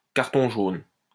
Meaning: yellow card
- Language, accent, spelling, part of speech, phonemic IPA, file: French, France, carton jaune, noun, /kaʁ.tɔ̃ ʒon/, LL-Q150 (fra)-carton jaune.wav